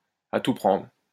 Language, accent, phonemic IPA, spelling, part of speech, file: French, France, /a tu pʁɑ̃dʁ/, à tout prendre, adverb, LL-Q150 (fra)-à tout prendre.wav
- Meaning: all in all, all things considered